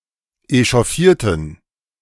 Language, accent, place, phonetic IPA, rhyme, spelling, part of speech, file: German, Germany, Berlin, [eʃɔˈfiːɐ̯tn̩], -iːɐ̯tn̩, echauffierten, adjective / verb, De-echauffierten.ogg
- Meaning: inflection of echauffieren: 1. first/third-person plural preterite 2. first/third-person plural subjunctive II